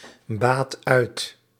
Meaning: inflection of uitbaten: 1. first/second/third-person singular present indicative 2. imperative
- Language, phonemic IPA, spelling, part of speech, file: Dutch, /ˈbat ˈœyt/, baat uit, verb, Nl-baat uit.ogg